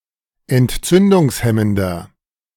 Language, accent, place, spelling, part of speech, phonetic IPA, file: German, Germany, Berlin, entzündungshemmender, adjective, [ɛntˈt͡sʏndʊŋsˌhɛməndɐ], De-entzündungshemmender.ogg
- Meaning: inflection of entzündungshemmend: 1. strong/mixed nominative masculine singular 2. strong genitive/dative feminine singular 3. strong genitive plural